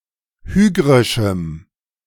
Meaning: strong dative masculine/neuter singular of hygrisch
- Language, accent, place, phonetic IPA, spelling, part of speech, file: German, Germany, Berlin, [ˈhyːɡʁɪʃm̩], hygrischem, adjective, De-hygrischem.ogg